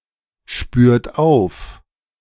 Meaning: inflection of aufspüren: 1. second-person plural present 2. third-person singular present 3. plural imperative
- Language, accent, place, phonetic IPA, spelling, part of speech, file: German, Germany, Berlin, [ˌʃpyːɐ̯t ˈaʊ̯f], spürt auf, verb, De-spürt auf.ogg